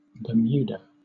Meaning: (proper noun) An archipelago and overseas territory of the United Kingdom in the North Atlantic Ocean, 580 nautical miles (1074 kilometers) east-southeast of Cape Hatteras, North Carolina
- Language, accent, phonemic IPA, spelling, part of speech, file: English, Southern England, /bəˈmjuː.də/, Bermuda, proper noun / noun, LL-Q1860 (eng)-Bermuda.wav